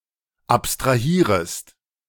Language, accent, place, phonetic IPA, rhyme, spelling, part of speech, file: German, Germany, Berlin, [ˌapstʁaˈhiːʁəst], -iːʁəst, abstrahierest, verb, De-abstrahierest.ogg
- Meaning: second-person singular subjunctive I of abstrahieren